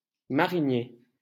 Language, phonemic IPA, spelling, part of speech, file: French, /ma.ʁi.nje/, marinier, adjective / noun, LL-Q150 (fra)-marinier.wav
- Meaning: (adjective) sea; marine; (noun) fresh water sailor, bargeman